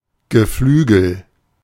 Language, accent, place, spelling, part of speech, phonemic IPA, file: German, Germany, Berlin, Geflügel, noun, /ɡəˈflyːɡəl/, De-Geflügel.ogg
- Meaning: 1. poultry (meat from birds) 2. poultry (birds raised for their meat)